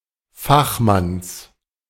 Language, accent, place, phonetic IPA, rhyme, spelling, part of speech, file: German, Germany, Berlin, [ˈfaxˌmans], -axmans, Fachmanns, noun, De-Fachmanns.ogg
- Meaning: genitive singular of Fachmann